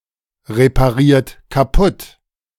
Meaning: inflection of kaputtreparieren: 1. third-person singular present 2. second-person plural present 3. plural imperative
- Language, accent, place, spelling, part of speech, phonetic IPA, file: German, Germany, Berlin, repariert kaputt, verb, [ʁepaˌʁiːɐ̯t kaˈpʊt], De-repariert kaputt.ogg